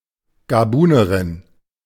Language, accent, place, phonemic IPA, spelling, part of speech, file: German, Germany, Berlin, /ɡaˈbuːnɐʁɪn/, Gabunerin, noun, De-Gabunerin.ogg
- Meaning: Gabonese (A woman from Gabon or of Gabonese descent)